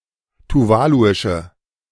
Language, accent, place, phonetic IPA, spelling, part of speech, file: German, Germany, Berlin, [tuˈvaːluɪʃə], tuvaluische, adjective, De-tuvaluische.ogg
- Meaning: inflection of tuvaluisch: 1. strong/mixed nominative/accusative feminine singular 2. strong nominative/accusative plural 3. weak nominative all-gender singular